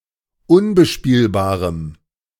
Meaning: strong dative masculine/neuter singular of unbespielbar
- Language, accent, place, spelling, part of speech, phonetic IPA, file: German, Germany, Berlin, unbespielbarem, adjective, [ˈʊnbəˌʃpiːlbaːʁəm], De-unbespielbarem.ogg